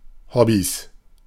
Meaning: plural of Hobby
- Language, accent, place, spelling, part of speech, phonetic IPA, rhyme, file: German, Germany, Berlin, Hobbys, noun, [ˈhɔbis], -ɔbis, De-Hobbys.ogg